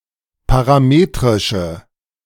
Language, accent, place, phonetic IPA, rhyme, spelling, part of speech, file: German, Germany, Berlin, [paʁaˈmeːtʁɪʃə], -eːtʁɪʃə, parametrische, adjective, De-parametrische.ogg
- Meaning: inflection of parametrisch: 1. strong/mixed nominative/accusative feminine singular 2. strong nominative/accusative plural 3. weak nominative all-gender singular